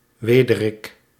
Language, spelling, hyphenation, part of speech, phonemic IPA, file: Dutch, wederik, we‧de‧rik, noun, /ˈʋeː.də.rɪk/, Nl-wederik.ogg
- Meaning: A loosestrife; any plant of the genus Lysimachia